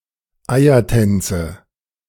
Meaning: nominative/accusative/genitive plural of Eiertanz
- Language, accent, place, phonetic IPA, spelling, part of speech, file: German, Germany, Berlin, [ˈaɪ̯ɐˌtɛnt͡sə], Eiertänze, noun, De-Eiertänze.ogg